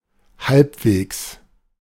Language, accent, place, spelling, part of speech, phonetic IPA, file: German, Germany, Berlin, halbwegs, adverb, [ˈhalpveːks], De-halbwegs.ogg
- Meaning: 1. halfway, at the halfway point 2. reasonably, halfway, somewhat (not fully, but to an acceptable or appreciable degree)